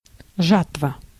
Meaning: harvest (process of harvesting, gathering the ripened crop, harvest yield)
- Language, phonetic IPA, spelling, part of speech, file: Russian, [ˈʐatvə], жатва, noun, Ru-жатва.ogg